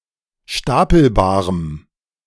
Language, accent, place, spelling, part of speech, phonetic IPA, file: German, Germany, Berlin, stapelbarem, adjective, [ˈʃtapl̩baːʁəm], De-stapelbarem.ogg
- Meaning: strong dative masculine/neuter singular of stapelbar